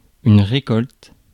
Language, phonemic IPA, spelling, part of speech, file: French, /ʁe.kɔlt/, récolte, noun / verb, Fr-récolte.ogg
- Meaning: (noun) harvest; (verb) inflection of récolter: 1. first/third-person singular present indicative/subjunctive 2. second-person singular imperative